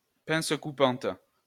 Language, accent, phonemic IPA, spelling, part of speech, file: French, France, /pɛ̃s ku.pɑ̃t/, pince coupante, noun, LL-Q150 (fra)-pince coupante.wav
- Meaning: pair of wire cutters, cutting pliers